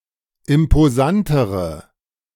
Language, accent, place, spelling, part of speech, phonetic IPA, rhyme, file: German, Germany, Berlin, imposantere, adjective, [ɪmpoˈzantəʁə], -antəʁə, De-imposantere.ogg
- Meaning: inflection of imposant: 1. strong/mixed nominative/accusative feminine singular comparative degree 2. strong nominative/accusative plural comparative degree